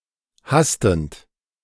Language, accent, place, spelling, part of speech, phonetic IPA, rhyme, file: German, Germany, Berlin, hastend, verb, [ˈhastn̩t], -astn̩t, De-hastend.ogg
- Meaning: present participle of hasten